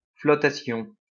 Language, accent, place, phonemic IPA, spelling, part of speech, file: French, France, Lyon, /flɔ.ta.sjɔ̃/, flottation, noun, LL-Q150 (fra)-flottation.wav
- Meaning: 1. floating (all senses) 2. flotation (industrial process)